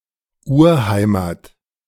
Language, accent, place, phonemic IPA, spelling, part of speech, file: German, Germany, Berlin, /ˈʔuːɐ̯ˌhaɪ̯maːt/, Urheimat, noun, De-Urheimat.ogg
- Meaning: 1. ancestral homeland (place where a person, concept or people is from originally) 2. urheimat